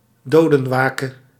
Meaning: wake for the dead
- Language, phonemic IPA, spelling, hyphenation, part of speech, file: Dutch, /ˈdoː.də(n)ˌʋaː.kə/, dodenwake, do‧den‧wa‧ke, noun, Nl-dodenwake.ogg